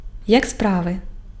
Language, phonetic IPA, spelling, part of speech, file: Ukrainian, [jak ˈspraʋe], як справи, phrase, Uk-як справи.ogg
- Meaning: how are you?, how are things?